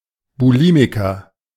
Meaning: bulimic
- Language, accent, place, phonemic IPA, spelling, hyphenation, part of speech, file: German, Germany, Berlin, /buˈliːmɪkɐ/, Bulimiker, Bu‧li‧mi‧ker, noun, De-Bulimiker.ogg